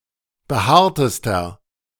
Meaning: inflection of behaart: 1. strong/mixed nominative masculine singular superlative degree 2. strong genitive/dative feminine singular superlative degree 3. strong genitive plural superlative degree
- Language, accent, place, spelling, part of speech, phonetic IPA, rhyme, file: German, Germany, Berlin, behaartester, adjective, [bəˈhaːɐ̯təstɐ], -aːɐ̯təstɐ, De-behaartester.ogg